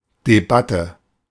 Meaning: debate
- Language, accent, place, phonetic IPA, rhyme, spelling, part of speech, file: German, Germany, Berlin, [deˈbatə], -atə, Debatte, noun, De-Debatte.ogg